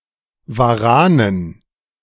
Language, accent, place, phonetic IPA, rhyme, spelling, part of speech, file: German, Germany, Berlin, [vaˈʁaːnən], -aːnən, Waranen, noun, De-Waranen.ogg
- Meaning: dative plural of Waran